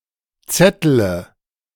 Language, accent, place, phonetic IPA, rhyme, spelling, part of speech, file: German, Germany, Berlin, [ˈt͡sɛtələ], -ɛtələ, zettele, verb, De-zettele.ogg
- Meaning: inflection of zetteln: 1. first-person singular present 2. first-person plural subjunctive I 3. third-person singular subjunctive I 4. singular imperative